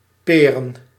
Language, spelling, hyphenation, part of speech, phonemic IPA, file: Dutch, peren, pe‧ren, verb / noun, /ˈpeː.rə(n)/, Nl-peren.ogg
- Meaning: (verb) To leave abruptly, to bail (out); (noun) plural of peer